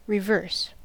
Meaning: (adjective) 1. Opposite, contrary; going in the opposite direction 2. Pertaining to engines, vehicle movement etc. moving in a direction opposite to the usual direction
- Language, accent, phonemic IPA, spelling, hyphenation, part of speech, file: English, US, /ɹɪˈvɝs/, reverse, re‧verse, adjective / adverb / noun / verb, En-us-reverse.ogg